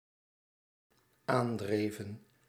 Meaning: inflection of aandrijven: 1. plural dependent-clause past indicative 2. plural dependent-clause past subjunctive
- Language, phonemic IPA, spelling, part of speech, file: Dutch, /ˈandrevə(n)/, aandreven, verb, Nl-aandreven.ogg